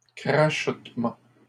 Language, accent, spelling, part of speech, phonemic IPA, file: French, Canada, crachotement, noun, /kʁa.ʃɔt.mɑ̃/, LL-Q150 (fra)-crachotement.wav
- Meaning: 1. crackling 2. sputtering